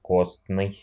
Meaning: bone; osseous
- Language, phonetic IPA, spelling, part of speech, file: Russian, [ˈkostnɨj], костный, adjective, Ru-костный.ogg